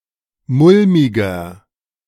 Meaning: 1. comparative degree of mulmig 2. inflection of mulmig: strong/mixed nominative masculine singular 3. inflection of mulmig: strong genitive/dative feminine singular
- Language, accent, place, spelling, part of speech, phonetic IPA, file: German, Germany, Berlin, mulmiger, adjective, [ˈmʊlmɪɡɐ], De-mulmiger.ogg